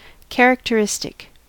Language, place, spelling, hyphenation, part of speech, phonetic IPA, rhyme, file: English, California, characteristic, char‧ac‧te‧ris‧tic, adjective / noun, [ˌkʰæɹəktəˈɹɪstɪk], -ɪstɪk, En-us-characteristic.ogg
- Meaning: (adjective) 1. Indicating a distinguishing feature of a person or thing; typical 2. Describing or pertaining to personal characters or character types; characterful